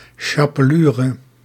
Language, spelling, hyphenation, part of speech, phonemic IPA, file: Dutch, chapelure, cha‧pe‧lu‧re, noun, /ˌʃɑ.pəˈlyː.rə/, Nl-chapelure.ogg
- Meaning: dried breadcrumbs used as an ingredient or as a coating before deep-frying